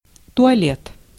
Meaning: 1. toilet, WC, restroom, lavatory 2. dress, attire 3. toilet, grooming (care for one's personal appearance) 4. dressing table
- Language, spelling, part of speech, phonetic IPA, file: Russian, туалет, noun, [tʊɐˈlʲet], Ru-туалет.ogg